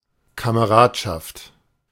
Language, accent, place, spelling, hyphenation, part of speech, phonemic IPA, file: German, Germany, Berlin, Kameradschaft, Ka‧me‧rad‧schaft, noun, /kaməˈʁaːtʃaft/, De-Kameradschaft.ogg
- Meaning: camaraderie, comradeship, fellowship, friendship